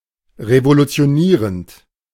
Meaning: present participle of revolutionieren
- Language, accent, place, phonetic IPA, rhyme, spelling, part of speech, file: German, Germany, Berlin, [ʁevolut͡si̯oˈniːʁənt], -iːʁənt, revolutionierend, verb, De-revolutionierend.ogg